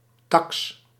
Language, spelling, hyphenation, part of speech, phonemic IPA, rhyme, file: Dutch, taks, taks, noun, /tɑks/, -ɑks, Nl-taks.ogg
- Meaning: 1. tax 2. fee, amount, share